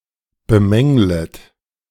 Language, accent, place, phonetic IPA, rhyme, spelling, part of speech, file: German, Germany, Berlin, [bəˈmɛŋlət], -ɛŋlət, bemänglet, verb, De-bemänglet.ogg
- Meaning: second-person plural subjunctive I of bemängeln